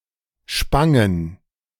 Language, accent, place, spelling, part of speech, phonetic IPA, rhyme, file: German, Germany, Berlin, Spangen, noun, [ˈʃpaŋən], -aŋən, De-Spangen.ogg
- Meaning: plural of Spange